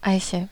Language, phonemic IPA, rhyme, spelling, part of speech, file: German, /ˈaɪ̯çə/, -aɪ̯çə, Eiche, noun, De-Eiche.ogg
- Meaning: 1. An oak tree, an oak, Quercus; the common tree 2. oak; the wood of the tree